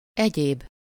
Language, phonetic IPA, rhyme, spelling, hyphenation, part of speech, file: Hungarian, [ˈɛɟeːb], -eːb, egyéb, egyéb, pronoun, Hu-egyéb.ogg
- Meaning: other, else